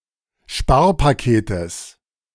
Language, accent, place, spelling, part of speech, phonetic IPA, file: German, Germany, Berlin, Sparpaketes, noun, [ˈʃpaːɐ̯paˌkeːtəs], De-Sparpaketes.ogg
- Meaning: genitive singular of Sparpaket